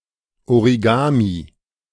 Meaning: origami (the Japanese art of paper folding)
- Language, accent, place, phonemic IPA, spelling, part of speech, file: German, Germany, Berlin, /oʁiˈɡaːmi/, Origami, noun, De-Origami.ogg